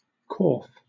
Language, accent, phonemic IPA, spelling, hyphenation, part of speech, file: English, Southern England, /kɔːf/, corf, corf, noun, LL-Q1860 (eng)-corf.wav
- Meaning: 1. A large basket, especially as used for coal 2. A container (basket, wooden box with holes etc.) used to store live fish underwater